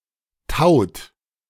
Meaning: inflection of tauen: 1. third-person singular present 2. second-person plural present 3. plural imperative
- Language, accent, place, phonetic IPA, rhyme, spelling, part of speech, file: German, Germany, Berlin, [taʊ̯t], -aʊ̯t, taut, verb, De-taut.ogg